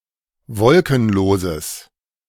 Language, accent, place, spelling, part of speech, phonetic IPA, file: German, Germany, Berlin, wolkenloses, adjective, [ˈvɔlkn̩ˌloːzəs], De-wolkenloses.ogg
- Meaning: strong/mixed nominative/accusative neuter singular of wolkenlos